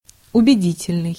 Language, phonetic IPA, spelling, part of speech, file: Russian, [ʊbʲɪˈdʲitʲɪlʲnɨj], убедительный, adjective, Ru-убедительный.ogg
- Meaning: 1. convincing, persuasive 2. earnest